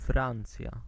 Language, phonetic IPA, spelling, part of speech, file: Polish, [ˈfrãnt͡sʲja], Francja, proper noun, Pl-Francja.ogg